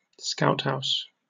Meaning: A building where members of the Scout Movement hold their meetings
- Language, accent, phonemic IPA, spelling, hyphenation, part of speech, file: English, Received Pronunciation, /ˈskaʊthaʊs/, scouthouse, scout‧house, noun, En-uk-scouthouse.oga